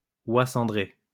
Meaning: greylag goose
- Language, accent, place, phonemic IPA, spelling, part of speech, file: French, France, Lyon, /wa sɑ̃.dʁe/, oie cendrée, noun, LL-Q150 (fra)-oie cendrée.wav